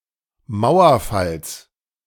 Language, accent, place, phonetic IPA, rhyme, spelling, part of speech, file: German, Germany, Berlin, [ˈmaʊ̯ɐˌfals], -aʊ̯ɐfals, Mauerfalls, noun, De-Mauerfalls.ogg
- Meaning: genitive singular of Mauerfall